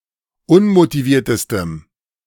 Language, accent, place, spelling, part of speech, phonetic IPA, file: German, Germany, Berlin, unmotiviertestem, adjective, [ˈʊnmotiˌviːɐ̯təstəm], De-unmotiviertestem.ogg
- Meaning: strong dative masculine/neuter singular superlative degree of unmotiviert